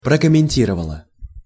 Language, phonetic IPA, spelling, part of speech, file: Russian, [prəkəmʲɪnʲˈtʲirəvəɫə], прокомментировало, verb, Ru-прокомментировало.ogg
- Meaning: neuter singular past indicative perfective of прокомменти́ровать (prokommentírovatʹ)